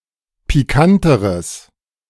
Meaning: strong/mixed nominative/accusative neuter singular comparative degree of pikant
- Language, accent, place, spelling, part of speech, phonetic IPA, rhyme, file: German, Germany, Berlin, pikanteres, adjective, [piˈkantəʁəs], -antəʁəs, De-pikanteres.ogg